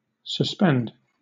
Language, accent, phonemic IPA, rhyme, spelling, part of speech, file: English, Southern England, /səsˈpɛnd/, -ɛnd, suspend, verb, LL-Q1860 (eng)-suspend.wav
- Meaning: 1. To halt something temporarily 2. To hold in an undetermined or undecided state 3. To discontinue or interrupt a function, task, position, or event 4. To hang freely; underhang